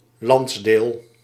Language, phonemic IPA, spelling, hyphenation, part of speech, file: Dutch, /ˈlɑnts.deːl/, landsdeel, lands‧deel, noun, Nl-landsdeel.ogg
- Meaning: a region, a part of a country, a territory (usually with administrative, constitutional or historic significance)